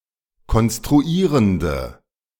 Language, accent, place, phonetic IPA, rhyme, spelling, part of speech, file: German, Germany, Berlin, [kɔnstʁuˈiːʁəndə], -iːʁəndə, konstruierende, adjective, De-konstruierende.ogg
- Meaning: inflection of konstruierend: 1. strong/mixed nominative/accusative feminine singular 2. strong nominative/accusative plural 3. weak nominative all-gender singular